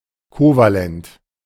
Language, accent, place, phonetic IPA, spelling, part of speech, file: German, Germany, Berlin, [ˈkoːvalɛnt], kovalent, adjective, De-kovalent.ogg
- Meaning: covalent